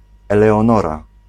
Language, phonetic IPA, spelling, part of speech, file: Polish, [ˌɛlɛɔ̃ˈnɔra], Eleonora, proper noun, Pl-Eleonora.ogg